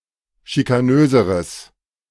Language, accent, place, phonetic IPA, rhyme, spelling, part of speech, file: German, Germany, Berlin, [ʃikaˈnøːzəʁəs], -øːzəʁəs, schikanöseres, adjective, De-schikanöseres.ogg
- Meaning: strong/mixed nominative/accusative neuter singular comparative degree of schikanös